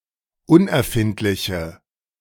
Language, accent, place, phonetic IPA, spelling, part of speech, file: German, Germany, Berlin, [ˈʊnʔɛɐ̯ˌfɪntlɪçə], unerfindliche, adjective, De-unerfindliche.ogg
- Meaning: inflection of unerfindlich: 1. strong/mixed nominative/accusative feminine singular 2. strong nominative/accusative plural 3. weak nominative all-gender singular